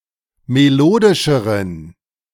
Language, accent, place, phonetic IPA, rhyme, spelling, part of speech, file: German, Germany, Berlin, [meˈloːdɪʃəʁən], -oːdɪʃəʁən, melodischeren, adjective, De-melodischeren.ogg
- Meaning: inflection of melodisch: 1. strong genitive masculine/neuter singular comparative degree 2. weak/mixed genitive/dative all-gender singular comparative degree